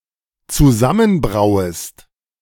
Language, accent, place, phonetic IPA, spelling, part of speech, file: German, Germany, Berlin, [t͡suˈzamənˌbʁaʊ̯əst], zusammenbrauest, verb, De-zusammenbrauest.ogg
- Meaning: second-person singular dependent subjunctive I of zusammenbrauen